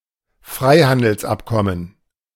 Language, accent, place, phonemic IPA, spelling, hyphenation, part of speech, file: German, Germany, Berlin, /ˈfʀaɪ̯handəlsˌ.apkɔmən/, Freihandelsabkommen, Frei‧han‧dels‧ab‧kom‧men, noun, De-Freihandelsabkommen.ogg
- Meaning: free trade agreement